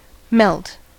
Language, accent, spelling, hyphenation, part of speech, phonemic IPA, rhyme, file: English, US, melt, melt, verb / noun, /mɛlt/, -ɛlt, En-us-melt.ogg
- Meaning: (verb) 1. To change (or to be changed) from a solid state to a liquid state, usually by a gradual heat 2. To dissolve, disperse, vanish